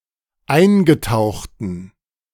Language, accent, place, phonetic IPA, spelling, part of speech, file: German, Germany, Berlin, [ˈaɪ̯nɡəˌtaʊ̯xtn̩], eingetauchten, adjective, De-eingetauchten.ogg
- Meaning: inflection of eingetaucht: 1. strong genitive masculine/neuter singular 2. weak/mixed genitive/dative all-gender singular 3. strong/weak/mixed accusative masculine singular 4. strong dative plural